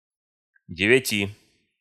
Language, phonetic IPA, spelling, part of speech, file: Russian, [dʲɪvʲɪˈtʲi], девяти, numeral, Ru-девяти.ogg
- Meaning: genitive/dative/prepositional of де́вять (dévjatʹ)